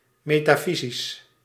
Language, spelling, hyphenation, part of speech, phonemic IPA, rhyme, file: Dutch, metafysisch, me‧ta‧fy‧sisch, adjective, /ˌmeː.taːˈfi.zis/, -izis, Nl-metafysisch.ogg
- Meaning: metaphysical